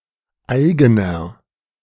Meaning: inflection of eigen: 1. strong/mixed nominative masculine singular 2. strong genitive/dative feminine singular 3. strong genitive plural
- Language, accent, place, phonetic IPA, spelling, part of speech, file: German, Germany, Berlin, [ˈaɪ̯ɡənɐ], eigener, adjective, De-eigener.ogg